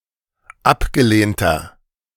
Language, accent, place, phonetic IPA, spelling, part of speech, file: German, Germany, Berlin, [ˈapɡəˌleːntɐ], abgelehnter, adjective, De-abgelehnter.ogg
- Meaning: inflection of abgelehnt: 1. strong/mixed nominative masculine singular 2. strong genitive/dative feminine singular 3. strong genitive plural